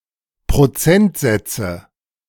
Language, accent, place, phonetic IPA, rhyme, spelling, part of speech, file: German, Germany, Berlin, [pʁoˈt͡sɛntˌzɛt͡sə], -ɛntzɛt͡sə, Prozentsätze, noun, De-Prozentsätze.ogg
- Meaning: nominative/accusative/genitive plural of Prozentsatz